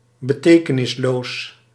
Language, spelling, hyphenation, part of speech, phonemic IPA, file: Dutch, betekenisloos, be‧te‧ke‧nis‧loos, adjective, /bəˈteː.kə.nɪsˌloːs/, Nl-betekenisloos.ogg
- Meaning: meaningless